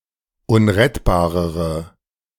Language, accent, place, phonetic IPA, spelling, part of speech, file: German, Germany, Berlin, [ˈʊnʁɛtbaːʁəʁə], unrettbarere, adjective, De-unrettbarere.ogg
- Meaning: inflection of unrettbar: 1. strong/mixed nominative/accusative feminine singular comparative degree 2. strong nominative/accusative plural comparative degree